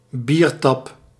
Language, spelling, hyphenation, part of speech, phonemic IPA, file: Dutch, biertap, bier‧tap, noun, /ˈbir.tɑp/, Nl-biertap.ogg
- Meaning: beer tap